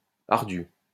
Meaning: 1. steep (of a near-vertical gradient) 2. arduous, needing or using up much energy, difficult
- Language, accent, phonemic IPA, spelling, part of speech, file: French, France, /aʁ.dy/, ardu, adjective, LL-Q150 (fra)-ardu.wav